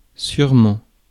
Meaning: 1. surely, certainly 2. probably
- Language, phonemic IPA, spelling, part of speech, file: French, /syʁ.mɑ̃/, sûrement, adverb, Fr-sûrement.ogg